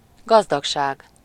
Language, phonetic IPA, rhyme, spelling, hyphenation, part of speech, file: Hungarian, [ˈɡɒzdɒkʃaːɡ], -aːɡ, gazdagság, gaz‧dag‧ság, noun, Hu-gazdagság.ogg
- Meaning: wealth (riches; valuable material possessions)